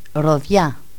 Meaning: pomegranate tree
- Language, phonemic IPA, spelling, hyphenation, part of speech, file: Greek, /ɾoˈðʝa/, ροδιά, ρο‧διά, noun, El-ροδιά.ogg